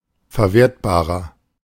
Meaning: inflection of verwertbar: 1. strong/mixed nominative masculine singular 2. strong genitive/dative feminine singular 3. strong genitive plural
- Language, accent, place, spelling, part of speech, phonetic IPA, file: German, Germany, Berlin, verwertbarer, adjective, [fɛɐ̯ˈveːɐ̯tbaːʁɐ], De-verwertbarer.ogg